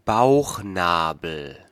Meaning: navel, bellybutton, umbilicus
- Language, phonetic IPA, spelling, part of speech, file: German, [ˈbaʊ̯xˌnaːbl̩], Bauchnabel, noun, De-Bauchnabel.ogg